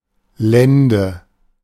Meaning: 1. loin 2. lumbar region (lower back)
- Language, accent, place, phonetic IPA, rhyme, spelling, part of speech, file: German, Germany, Berlin, [ˈlɛndə], -ɛndə, Lende, noun, De-Lende.ogg